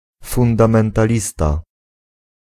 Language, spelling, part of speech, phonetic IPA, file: Polish, fundamentalista, noun, [ˌfũndãmɛ̃ntaˈlʲista], Pl-fundamentalista.ogg